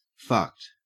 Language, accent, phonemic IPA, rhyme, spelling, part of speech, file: English, Australia, /fʌkt/, -ʌkt, fucked, adjective / verb, En-au-fucked.ogg
- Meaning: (adjective) 1. Irreparably or catastrophically broken 2. In trouble; in a hopeless situation 3. Very drunk 4. Clipping of fucked up (“disturbing or reprehensible”) 5. Tired 6. Bothered to do something